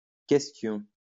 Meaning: obsolete form of question
- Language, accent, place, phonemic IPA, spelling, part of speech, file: French, France, Lyon, /kɛs.tjɔ̃/, quæstion, noun, LL-Q150 (fra)-quæstion.wav